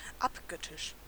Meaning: 1. adoring 2. idolatrous
- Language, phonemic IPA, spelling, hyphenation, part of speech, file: German, /ˈapˌɡœtɪʃ/, abgöttisch, ab‧göt‧tisch, adjective, De-abgöttisch.ogg